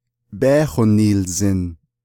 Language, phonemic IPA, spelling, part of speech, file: Navajo, /péːhònìːlzɪ̀n/, bééhoniilzin, verb, Nv-bééhoniilzin.ogg
- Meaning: first-person duoplural imperfective of yééhósin